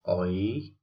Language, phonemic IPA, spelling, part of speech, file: Odia, /ɔi̯/, ଐ, character, Or-ଐ.oga
- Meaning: The tenth character in the Odia abugida